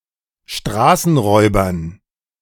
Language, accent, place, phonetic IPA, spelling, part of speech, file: German, Germany, Berlin, [ˈʃtʁaːsn̩ˌʁɔɪ̯bɐn], Straßenräubern, noun, De-Straßenräubern.ogg
- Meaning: dative plural of Straßenräuber